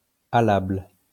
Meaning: alternative form of allable
- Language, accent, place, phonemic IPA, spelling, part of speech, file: French, France, Lyon, /a.labl/, alable, adjective, LL-Q150 (fra)-alable.wav